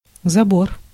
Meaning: 1. fence 2. intake 3. collection
- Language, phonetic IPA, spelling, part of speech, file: Russian, [zɐˈbor], забор, noun, Ru-забор.ogg